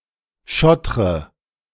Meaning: inflection of schottern: 1. first-person singular present 2. first/third-person singular subjunctive I 3. singular imperative
- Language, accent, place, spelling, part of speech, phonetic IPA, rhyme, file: German, Germany, Berlin, schottre, verb, [ˈʃɔtʁə], -ɔtʁə, De-schottre.ogg